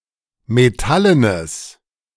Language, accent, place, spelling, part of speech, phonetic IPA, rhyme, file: German, Germany, Berlin, metallenes, adjective, [meˈtalənəs], -alənəs, De-metallenes.ogg
- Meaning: strong/mixed nominative/accusative neuter singular of metallen